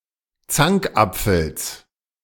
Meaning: genitive singular of Zankapfel
- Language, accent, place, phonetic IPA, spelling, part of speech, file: German, Germany, Berlin, [ˈt͡saŋkˌʔap͡fl̩s], Zankapfels, noun, De-Zankapfels.ogg